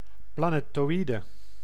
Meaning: asteroid
- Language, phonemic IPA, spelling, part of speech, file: Dutch, /plaˌnetoˈwidə/, planetoïde, noun, Nl-planetoïde.ogg